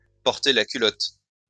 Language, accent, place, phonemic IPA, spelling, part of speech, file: French, France, Lyon, /pɔʁ.te la ky.lɔt/, porter la culotte, verb, LL-Q150 (fra)-porter la culotte.wav
- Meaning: to wear the pants, to wear the trousers